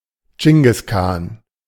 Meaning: a leader of the Mongolians; Genghis Khan
- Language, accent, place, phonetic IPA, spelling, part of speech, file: German, Germany, Berlin, [ˌd͡ʒɪŋɡɪs ˈkaːn], Dschingis Khan, proper noun, De-Dschingis Khan.ogg